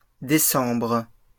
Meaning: plural of décembre
- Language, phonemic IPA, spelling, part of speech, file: French, /de.sɑ̃bʁ/, décembres, noun, LL-Q150 (fra)-décembres.wav